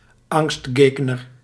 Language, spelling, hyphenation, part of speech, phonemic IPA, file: Dutch, angstgegner, angst‧geg‧ner, noun, /ˈɑŋstˌɡeːɡ.nər/, Nl-angstgegner.ogg
- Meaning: opponent to whom one has lost before and who therefore inspires fear and anxiety